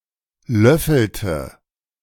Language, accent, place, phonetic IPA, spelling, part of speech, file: German, Germany, Berlin, [ˈlœfl̩tə], löffelte, verb, De-löffelte.ogg
- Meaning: inflection of löffeln: 1. first/third-person singular preterite 2. first/third-person singular subjunctive II